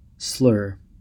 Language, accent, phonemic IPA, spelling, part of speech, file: English, US, /slɜɹ/, slur, noun / verb, En-us-slur.ogg
- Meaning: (noun) An insult or slight, especially one that is muttered incoherently under one's breath